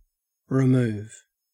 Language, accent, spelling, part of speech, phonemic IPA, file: English, Australia, remove, verb / noun, /ɹɪˈmʉːv/, En-au-remove.ogg
- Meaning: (verb) 1. To delete 2. To move from one place to another, especially to take away 3. To move from one place to another, especially to take away.: To replace a dish within a course 4. To murder